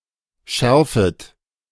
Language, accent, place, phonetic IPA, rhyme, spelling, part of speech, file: German, Germany, Berlin, [ˈʃɛʁfət], -ɛʁfət, schärfet, verb, De-schärfet.ogg
- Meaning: second-person plural subjunctive I of schärfen